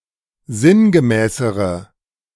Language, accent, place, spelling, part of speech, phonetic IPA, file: German, Germany, Berlin, sinngemäßere, adjective, [ˈzɪnɡəˌmɛːsəʁə], De-sinngemäßere.ogg
- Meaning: inflection of sinngemäß: 1. strong/mixed nominative/accusative feminine singular comparative degree 2. strong nominative/accusative plural comparative degree